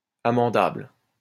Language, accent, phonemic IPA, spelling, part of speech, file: French, France, /a.mɑ̃.dabl/, amendable, adjective, LL-Q150 (fra)-amendable.wav
- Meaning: amendable